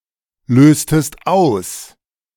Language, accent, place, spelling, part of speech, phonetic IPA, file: German, Germany, Berlin, löstest aus, verb, [ˌløːstəst ˈaʊ̯s], De-löstest aus.ogg
- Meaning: inflection of auslösen: 1. second-person singular preterite 2. second-person singular subjunctive II